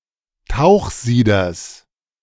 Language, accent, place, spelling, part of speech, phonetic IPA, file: German, Germany, Berlin, Tauchsieders, noun, [ˈtaʊ̯xˌziːdɐs], De-Tauchsieders.ogg
- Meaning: genitive singular of Tauchsieder